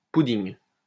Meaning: any dish formed from putting the leftovers of a place such as a bakery together, and mixing them all into one
- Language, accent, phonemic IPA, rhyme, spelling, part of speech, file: French, France, /pu.diŋ/, -iŋ, pudding, noun, LL-Q150 (fra)-pudding.wav